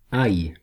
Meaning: garlic
- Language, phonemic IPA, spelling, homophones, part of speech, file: French, /aj/, ail, aïe / aille / ailles / aillent / ails, noun, Fr-ail.ogg